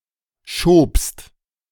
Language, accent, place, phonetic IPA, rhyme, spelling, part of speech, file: German, Germany, Berlin, [ʃoːpst], -oːpst, schobst, verb, De-schobst.ogg
- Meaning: second-person singular preterite of schieben